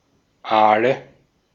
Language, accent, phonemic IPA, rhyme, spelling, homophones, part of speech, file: German, Austria, /ˈʔaːlə/, -aːlə, Aale, Ahle, noun, De-at-Aale.ogg
- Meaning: nominative/accusative/genitive plural of Aal